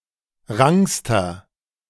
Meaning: inflection of rank: 1. strong/mixed nominative masculine singular superlative degree 2. strong genitive/dative feminine singular superlative degree 3. strong genitive plural superlative degree
- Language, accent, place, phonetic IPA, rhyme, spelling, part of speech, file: German, Germany, Berlin, [ˈʁaŋkstɐ], -aŋkstɐ, rankster, adjective, De-rankster.ogg